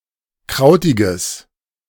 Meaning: strong/mixed nominative/accusative neuter singular of krautig
- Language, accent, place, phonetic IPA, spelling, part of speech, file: German, Germany, Berlin, [ˈkʁaʊ̯tɪɡəs], krautiges, adjective, De-krautiges.ogg